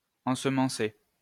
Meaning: to sow, seed
- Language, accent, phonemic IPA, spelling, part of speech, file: French, France, /ɑ̃.s(ə).mɑ̃.se/, ensemencer, verb, LL-Q150 (fra)-ensemencer.wav